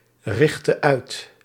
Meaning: inflection of uitrichten: 1. singular past indicative 2. singular past subjunctive
- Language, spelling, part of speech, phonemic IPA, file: Dutch, richtte uit, verb, /ˈrɪxtə ˈœyt/, Nl-richtte uit.ogg